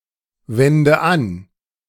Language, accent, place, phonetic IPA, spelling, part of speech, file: German, Germany, Berlin, [ˌvɛndə ˈan], wende an, verb, De-wende an.ogg
- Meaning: inflection of anwenden: 1. first-person singular present 2. first/third-person singular subjunctive I 3. singular imperative